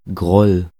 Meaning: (proper noun) a German surname; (noun) grudge
- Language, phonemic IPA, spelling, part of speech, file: German, /ɡʁɔl/, Groll, proper noun / noun, De-Groll.ogg